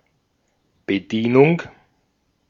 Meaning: 1. service 2. waiter, waitress 3. operation
- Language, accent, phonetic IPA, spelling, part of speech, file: German, Austria, [bəˈdiːnʊŋ], Bedienung, noun, De-at-Bedienung.ogg